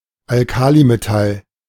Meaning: alkali metal
- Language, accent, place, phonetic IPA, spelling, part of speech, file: German, Germany, Berlin, [alˈkaːlimeˌtal], Alkalimetall, noun, De-Alkalimetall.ogg